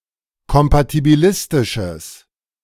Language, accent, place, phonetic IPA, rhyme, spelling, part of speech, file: German, Germany, Berlin, [kɔmpatibiˈlɪstɪʃəs], -ɪstɪʃəs, kompatibilistisches, adjective, De-kompatibilistisches.ogg
- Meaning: strong/mixed nominative/accusative neuter singular of kompatibilistisch